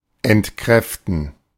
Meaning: to refute
- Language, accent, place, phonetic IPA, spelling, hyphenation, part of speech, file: German, Germany, Berlin, [ɛntˈkʁɛftn̩], entkräften, ent‧kräf‧ten, verb, De-entkräften.ogg